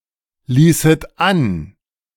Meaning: second-person plural subjunctive II of anlassen
- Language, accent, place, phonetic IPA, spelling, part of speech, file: German, Germany, Berlin, [ˌliːsət ˈan], ließet an, verb, De-ließet an.ogg